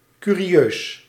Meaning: 1. rare, curious, remarkable 2. notable, interesting
- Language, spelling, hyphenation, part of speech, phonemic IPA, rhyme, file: Dutch, curieus, cu‧ri‧eus, adjective, /ˌky.riˈøːs/, -øːs, Nl-curieus.ogg